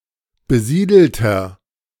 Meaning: inflection of besiedelt: 1. strong/mixed nominative masculine singular 2. strong genitive/dative feminine singular 3. strong genitive plural
- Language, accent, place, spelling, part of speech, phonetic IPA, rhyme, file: German, Germany, Berlin, besiedelter, adjective, [bəˈziːdl̩tɐ], -iːdl̩tɐ, De-besiedelter.ogg